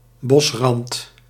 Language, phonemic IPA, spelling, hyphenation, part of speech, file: Dutch, /ˈbɔs.rɑnt/, bosrand, bos‧rand, noun, Nl-bosrand.ogg
- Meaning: the edge of a forest